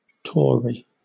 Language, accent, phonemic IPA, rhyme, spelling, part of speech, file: English, Southern England, /ˈtɔː.ɹi/, -ɔːɹi, Tory, noun / adjective / proper noun, LL-Q1860 (eng)-Tory.wav